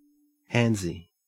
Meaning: 1. Prone to touching other people with one's hands, especially in an inappropriate or sexual manner 2. Moving the hands and wrists excessively when making a stroke or swing
- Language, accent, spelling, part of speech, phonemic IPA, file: English, Australia, handsy, adjective, /ˈhæn(d)zi/, En-au-handsy.ogg